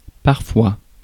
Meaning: sometimes
- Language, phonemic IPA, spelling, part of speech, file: French, /paʁ.fwa/, parfois, adverb, Fr-parfois.ogg